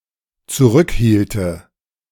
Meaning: first/third-person singular dependent subjunctive II of zurückhalten
- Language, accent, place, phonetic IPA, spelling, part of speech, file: German, Germany, Berlin, [t͡suˈʁʏkˌhiːltə], zurückhielte, verb, De-zurückhielte.ogg